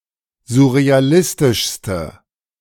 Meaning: inflection of surrealistisch: 1. strong/mixed nominative/accusative feminine singular superlative degree 2. strong nominative/accusative plural superlative degree
- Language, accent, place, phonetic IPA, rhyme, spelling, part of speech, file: German, Germany, Berlin, [zʊʁeaˈlɪstɪʃstə], -ɪstɪʃstə, surrealistischste, adjective, De-surrealistischste.ogg